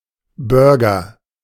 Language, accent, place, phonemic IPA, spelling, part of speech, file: German, Germany, Berlin, /ˈbœʁɡɐ/, Burger, noun, De-Burger.ogg
- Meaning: A burger; a hamburger, cheeseburger, or similar American-style sandwich